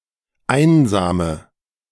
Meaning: inflection of einsam: 1. strong/mixed nominative/accusative feminine singular 2. strong nominative/accusative plural 3. weak nominative all-gender singular 4. weak accusative feminine/neuter singular
- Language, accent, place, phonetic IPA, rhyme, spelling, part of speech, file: German, Germany, Berlin, [ˈaɪ̯nzaːmə], -aɪ̯nzaːmə, einsame, adjective, De-einsame.ogg